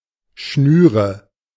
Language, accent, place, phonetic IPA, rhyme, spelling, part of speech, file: German, Germany, Berlin, [ˈʃnyːʁə], -yːʁə, Schnüre, noun, De-Schnüre.ogg
- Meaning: nominative/accusative/genitive plural of Schnur